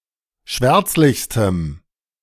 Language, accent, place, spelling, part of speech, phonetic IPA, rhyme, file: German, Germany, Berlin, schwärzlichstem, adjective, [ˈʃvɛʁt͡slɪçstəm], -ɛʁt͡slɪçstəm, De-schwärzlichstem.ogg
- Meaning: strong dative masculine/neuter singular superlative degree of schwärzlich